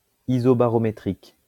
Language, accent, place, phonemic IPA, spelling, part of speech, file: French, France, Lyon, /i.zɔ.ba.ʁɔ.me.tʁik/, isobarométrique, adjective, LL-Q150 (fra)-isobarométrique.wav
- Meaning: isobarometric